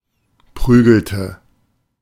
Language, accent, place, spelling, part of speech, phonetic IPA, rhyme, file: German, Germany, Berlin, prügelte, verb, [ˈpʁyːɡl̩tə], -yːɡl̩tə, De-prügelte.ogg
- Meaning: inflection of prügeln: 1. first/third-person singular preterite 2. first/third-person singular subjunctive II